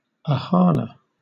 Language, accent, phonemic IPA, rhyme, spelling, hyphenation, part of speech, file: English, Southern England, /əˈhɑːnə/, -ɑːnə, ohana, oha‧na, noun, LL-Q1860 (eng)-ohana.wav
- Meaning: An extended Hawaiian family unit